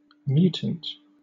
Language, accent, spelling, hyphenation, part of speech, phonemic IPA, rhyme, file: English, Southern England, mutant, mu‧tant, noun / adjective, /ˈmjuːtənt/, -uːtənt, LL-Q1860 (eng)-mutant.wav
- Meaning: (noun) 1. That which has mutated, with one or more new characteristics from a mutation 2. Someone or something that seems strange, abnormal, or bizarre 3. Synonym of mutex